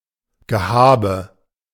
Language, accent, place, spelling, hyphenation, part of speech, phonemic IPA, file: German, Germany, Berlin, Gehabe, Ge‧ha‧be, noun, /ɡəˈhaːbə/, De-Gehabe.ogg
- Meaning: affectation, posturing